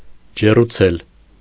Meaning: to warm, to heat, to make hot or warm
- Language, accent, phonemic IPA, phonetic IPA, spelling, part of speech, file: Armenian, Eastern Armenian, /d͡ʒeruˈt͡sʰel/, [d͡ʒerut͡sʰél], ջեռուցել, verb, Hy-ջեռուցել.ogg